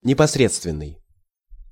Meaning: immediate, direct, first-hand
- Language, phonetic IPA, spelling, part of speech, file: Russian, [nʲɪpɐsˈrʲet͡stvʲɪn(ː)ɨj], непосредственный, adjective, Ru-непосредственный.ogg